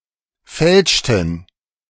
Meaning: inflection of fälschen: 1. first/third-person plural preterite 2. first/third-person plural subjunctive II
- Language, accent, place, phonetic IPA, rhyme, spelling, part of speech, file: German, Germany, Berlin, [ˈfɛlʃtn̩], -ɛlʃtn̩, fälschten, verb, De-fälschten.ogg